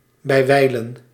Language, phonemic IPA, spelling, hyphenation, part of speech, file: Dutch, /ˌbɛi̯ˈʋɛi̯.lə(n)/, bijwijlen, bij‧wij‧len, adverb, Nl-bijwijlen.ogg
- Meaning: sometimes